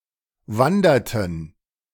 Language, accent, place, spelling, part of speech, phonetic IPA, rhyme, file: German, Germany, Berlin, wanderten, verb, [ˈvandɐtn̩], -andɐtn̩, De-wanderten.ogg
- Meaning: inflection of wandern: 1. first/third-person plural preterite 2. first/third-person plural subjunctive II